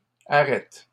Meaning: plural of arête
- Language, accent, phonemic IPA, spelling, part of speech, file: French, Canada, /a.ʁɛt/, arêtes, noun, LL-Q150 (fra)-arêtes.wav